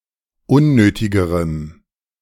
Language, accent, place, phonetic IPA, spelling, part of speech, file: German, Germany, Berlin, [ˈʊnˌnøːtɪɡəʁəm], unnötigerem, adjective, De-unnötigerem.ogg
- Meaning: strong dative masculine/neuter singular comparative degree of unnötig